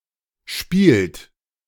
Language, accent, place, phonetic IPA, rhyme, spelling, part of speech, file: German, Germany, Berlin, [ʃpiːlt], -iːlt, spielt, verb, De-spielt.ogg
- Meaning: third-person singular present of spielen